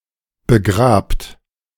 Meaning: inflection of begraben: 1. second-person plural present 2. plural imperative
- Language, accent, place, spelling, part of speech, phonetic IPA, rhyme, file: German, Germany, Berlin, begrabt, verb, [bəˈɡʁaːpt], -aːpt, De-begrabt.ogg